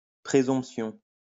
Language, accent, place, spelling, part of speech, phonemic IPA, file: French, France, Lyon, præsomption, noun, /pʁe.zɔ̃p.sjɔ̃/, LL-Q150 (fra)-præsomption.wav
- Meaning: obsolete form of présomption